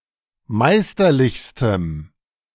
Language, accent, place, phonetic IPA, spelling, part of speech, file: German, Germany, Berlin, [ˈmaɪ̯stɐˌlɪçstəm], meisterlichstem, adjective, De-meisterlichstem.ogg
- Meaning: strong dative masculine/neuter singular superlative degree of meisterlich